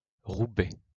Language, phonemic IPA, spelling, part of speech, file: French, /ʁu.bɛ/, Roubaix, proper noun, LL-Q150 (fra)-Roubaix.wav
- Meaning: 1. a city in Nord department, France 2. Patronymic name affixed with “de”, given after the city's name: Roubaix